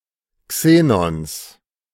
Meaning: genitive singular of Xenon
- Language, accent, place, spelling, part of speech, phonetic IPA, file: German, Germany, Berlin, Xenons, noun, [ˈkseːnɔns], De-Xenons.ogg